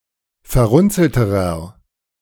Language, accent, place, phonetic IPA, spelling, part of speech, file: German, Germany, Berlin, [fɛɐ̯ˈʁʊnt͡sl̩təʁɐ], verrunzelterer, adjective, De-verrunzelterer.ogg
- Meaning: inflection of verrunzelt: 1. strong/mixed nominative masculine singular comparative degree 2. strong genitive/dative feminine singular comparative degree 3. strong genitive plural comparative degree